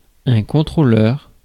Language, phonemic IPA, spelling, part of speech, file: French, /kɔ̃.tʁo.lœʁ/, contrôleur, noun, Fr-contrôleur.ogg
- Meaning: 1. controller, inspector 2. conductor, driver